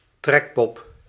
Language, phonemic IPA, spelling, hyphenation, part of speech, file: Dutch, /ˈtrɛkpɔp/, trekpop, trek‧pop, noun, Nl-trekpop.ogg
- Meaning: jumping-jack